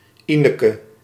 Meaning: a female given name
- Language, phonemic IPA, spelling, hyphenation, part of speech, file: Dutch, /ˈi.nə.kə/, Ineke, Ine‧ke, proper noun, Nl-Ineke.ogg